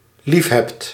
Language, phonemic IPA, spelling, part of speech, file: Dutch, /ɦeːft/, liefhebt, verb, Nl-liefhebt.ogg
- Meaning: second-person singular dependent-clause present indicative of liefhebben